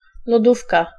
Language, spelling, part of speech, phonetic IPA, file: Polish, lodówka, noun, [lɔˈdufka], Pl-lodówka.ogg